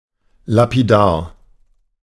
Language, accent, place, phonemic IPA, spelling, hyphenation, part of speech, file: German, Germany, Berlin, /lapiˈdaːr/, lapidar, la‧pi‧dar, adjective, De-lapidar.ogg
- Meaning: 1. succinct, concise, lapidary 2. inappropriately brief, terse, offhand, not providing sufficient information, not showing sufficient concern